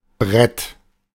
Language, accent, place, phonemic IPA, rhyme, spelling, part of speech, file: German, Germany, Berlin, /bʁɛt/, -ɛt, Brett, noun, De-Brett.ogg
- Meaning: 1. board, plank 2. energetic, forceful track